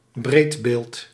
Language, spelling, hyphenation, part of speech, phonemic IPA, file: Dutch, breedbeeld, breed‧beeld, adjective, /ˈbreːt.beːlt/, Nl-breedbeeld.ogg
- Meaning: widescreen